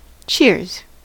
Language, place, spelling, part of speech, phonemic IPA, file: English, California, cheers, verb / noun / interjection, /t͡ʃɪɹz/, En-us-cheers.ogg
- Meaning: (verb) 1. third-person singular simple present indicative of cheer 2. To say "cheers" as a toast (to someone); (noun) plural of cheer; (interjection) A common toast used when drinking in company